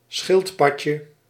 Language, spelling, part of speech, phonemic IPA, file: Dutch, schildpadje, noun, /ˈsxɪltpɑcə/, Nl-schildpadje.ogg
- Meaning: diminutive of schildpad